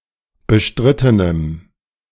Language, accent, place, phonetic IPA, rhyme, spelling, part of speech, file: German, Germany, Berlin, [bəˈʃtʁɪtənəm], -ɪtənəm, bestrittenem, adjective, De-bestrittenem.ogg
- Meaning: strong dative masculine/neuter singular of bestritten